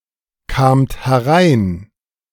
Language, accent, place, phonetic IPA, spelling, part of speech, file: German, Germany, Berlin, [ˌkaːmt hɛˈʁaɪ̯n], kamt herein, verb, De-kamt herein.ogg
- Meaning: second-person plural preterite of hereinkommen